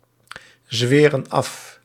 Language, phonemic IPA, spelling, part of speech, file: Dutch, /ˌzwɪːrə(n) ˈɑf/, zweren af, verb, Nl-zweren af.ogg
- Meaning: inflection of afzweren: 1. plural present indicative 2. plural present subjunctive